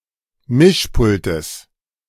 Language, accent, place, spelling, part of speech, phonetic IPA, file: German, Germany, Berlin, Mischpultes, noun, [ˈmɪʃˌpʊltəs], De-Mischpultes.ogg
- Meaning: genitive singular of Mischpult